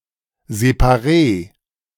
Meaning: alternative spelling of Separee
- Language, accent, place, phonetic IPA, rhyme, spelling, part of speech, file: German, Germany, Berlin, [zepaˈʁeː], -eː, Séparée, noun, De-Séparée.ogg